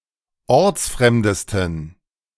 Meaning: 1. superlative degree of ortsfremd 2. inflection of ortsfremd: strong genitive masculine/neuter singular superlative degree
- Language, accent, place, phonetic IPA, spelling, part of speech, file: German, Germany, Berlin, [ˈɔʁt͡sˌfʁɛmdəstn̩], ortsfremdesten, adjective, De-ortsfremdesten.ogg